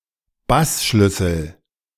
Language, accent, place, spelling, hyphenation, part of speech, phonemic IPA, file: German, Germany, Berlin, Bassschlüssel, Bass‧schlüs‧sel, noun, /ˈbasˌʃlʏsl̩/, De-Bassschlüssel.ogg
- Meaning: bass clef